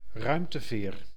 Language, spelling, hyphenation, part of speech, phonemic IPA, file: Dutch, ruimteveer, ruim‧te‧veer, noun, /ˈrœy̯m.təˌveːr/, Nl-ruimteveer.ogg
- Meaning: space shuttle, space vessel capable of travelling repeatedly between Earth and outer space